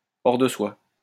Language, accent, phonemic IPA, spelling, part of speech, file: French, France, /ɔʁ də swa/, hors de soi, adjective, LL-Q150 (fra)-hors de soi.wav
- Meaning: furious, enraged, beside oneself with anger